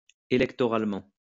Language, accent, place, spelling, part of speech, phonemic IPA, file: French, France, Lyon, électoralement, adverb, /e.lɛk.tɔ.ʁal.mɑ̃/, LL-Q150 (fra)-électoralement.wav
- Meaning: electorally